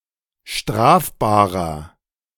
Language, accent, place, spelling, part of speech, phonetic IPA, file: German, Germany, Berlin, strafbarer, adjective, [ˈʃtʁaːfbaːʁɐ], De-strafbarer.ogg
- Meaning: inflection of strafbar: 1. strong/mixed nominative masculine singular 2. strong genitive/dative feminine singular 3. strong genitive plural